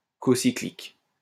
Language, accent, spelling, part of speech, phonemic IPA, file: French, France, cocyclique, adjective, /kɔ.si.klik/, LL-Q150 (fra)-cocyclique.wav
- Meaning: cocyclic